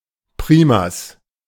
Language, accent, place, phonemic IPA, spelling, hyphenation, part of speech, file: German, Germany, Berlin, /ˈpʁiːmas/, Primas, Pri‧mas, noun, De-Primas.ogg
- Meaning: 1. primacy 2. primate 3. the head fiddler of a Sinti music group